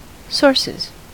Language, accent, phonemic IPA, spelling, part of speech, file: English, US, /ˈsɔɹsɪz/, sources, noun / verb, En-us-sources.ogg
- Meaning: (noun) plural of source; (verb) third-person singular simple present indicative of source